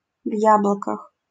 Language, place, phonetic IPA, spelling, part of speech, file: Russian, Saint Petersburg, [ˈv‿jabɫəkəx], в яблоках, adverb, LL-Q7737 (rus)-в яблоках.wav
- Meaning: dappled